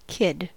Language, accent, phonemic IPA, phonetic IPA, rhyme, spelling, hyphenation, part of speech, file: English, US, /ˈkɪd/, [ˈkʰɪd], -ɪd, kid, kid, noun / verb, En-us-kid.ogg
- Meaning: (noun) 1. A child, adolescent, or (loosely) a young adult 2. A child, adolescent, or (loosely) a young adult.: A person whose childhood took place in a particular time period or area